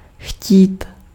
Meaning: 1. to want 2. to fancy, to feel like
- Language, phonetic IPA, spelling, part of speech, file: Czech, [ˈxciːt], chtít, verb, Cs-chtít.ogg